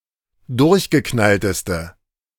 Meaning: inflection of durchgeknallt: 1. strong/mixed nominative/accusative feminine singular superlative degree 2. strong nominative/accusative plural superlative degree
- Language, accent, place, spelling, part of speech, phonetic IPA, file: German, Germany, Berlin, durchgeknallteste, adjective, [ˈdʊʁçɡəˌknaltəstə], De-durchgeknallteste.ogg